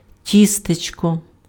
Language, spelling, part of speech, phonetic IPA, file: Ukrainian, тістечко, noun, [ˈtʲistet͡ʃkɔ], Uk-тістечко.ogg
- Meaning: 1. cake 2. endearing form of ті́сто (tísto)